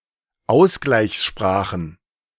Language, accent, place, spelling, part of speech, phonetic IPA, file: German, Germany, Berlin, Ausgleichssprachen, noun, [ˈaʊ̯sɡlaɪ̯çsˌʃpʁaːxn̩], De-Ausgleichssprachen.ogg
- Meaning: plural of Ausgleichssprache